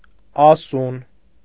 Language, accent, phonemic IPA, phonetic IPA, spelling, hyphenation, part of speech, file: Armenian, Eastern Armenian, /ɑˈsun/, [ɑsún], ասուն, ա‧սուն, adjective, Hy-ասուն.ogg
- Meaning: able to speak, endowed with speech